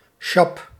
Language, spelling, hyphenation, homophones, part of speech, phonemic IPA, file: Dutch, chape, cha‧pe, sjap, noun, /ʃɑp/, Nl-chape.ogg
- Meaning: screed